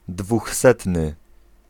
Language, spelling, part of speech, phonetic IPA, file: Polish, dwóchsetny, adjective, [dvuxˈsɛtnɨ], Pl-dwóchsetny.ogg